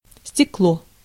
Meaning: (noun) 1. glass 2. chimney (of kerosene lamp) 3. pane, window, lens 4. an extremely sad, heartbreaking story; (verb) neuter singular past indicative perfective of стечь (stečʹ)
- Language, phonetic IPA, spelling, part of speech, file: Russian, [sʲtʲɪˈkɫo], стекло, noun / verb, Ru-стекло.ogg